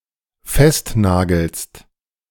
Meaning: second-person singular dependent present of festnageln
- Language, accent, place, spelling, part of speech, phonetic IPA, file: German, Germany, Berlin, festnagelst, verb, [ˈfɛstˌnaːɡl̩st], De-festnagelst.ogg